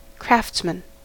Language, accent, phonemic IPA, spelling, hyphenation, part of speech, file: English, US, /ˈkɹæftsmən/, craftsman, crafts‧man, noun, En-us-craftsman.ogg
- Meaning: 1. One who is highly skilled at one's trade; an artisan or artificer 2. A person who makes or creates material objects partly or entirely by hand 3. A person who produces arts and crafts